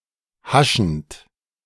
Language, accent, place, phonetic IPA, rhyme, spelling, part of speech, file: German, Germany, Berlin, [ˈhaʃn̩t], -aʃn̩t, haschend, verb, De-haschend.ogg
- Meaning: present participle of haschen